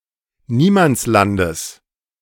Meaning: genitive singular of Niemandsland
- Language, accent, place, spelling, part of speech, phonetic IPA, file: German, Germany, Berlin, Niemandslandes, noun, [ˈniːmant͡sˌlandəs], De-Niemandslandes.ogg